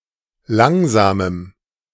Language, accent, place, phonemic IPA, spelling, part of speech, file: German, Germany, Berlin, /ˈlaŋzaːməm/, langsamem, adjective, De-langsamem.ogg
- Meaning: strong dative masculine/neuter singular of langsam